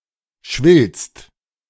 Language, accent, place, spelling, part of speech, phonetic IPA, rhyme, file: German, Germany, Berlin, schwillst, verb, [ʃvɪlst], -ɪlst, De-schwillst.ogg
- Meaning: second-person singular present of schwellen